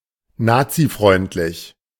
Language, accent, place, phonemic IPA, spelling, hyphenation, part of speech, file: German, Germany, Berlin, /ˈnaːt͡siˌfʁɔʏ̯ntlɪç/, nazifreundlich, na‧zi‧freund‧lich, adjective, De-nazifreundlich.ogg
- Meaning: pro-Nazi